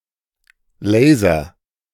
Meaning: laser (beam of light)
- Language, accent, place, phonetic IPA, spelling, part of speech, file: German, Germany, Berlin, [ˈleː.zɐ], Laser, noun, De-Laser.ogg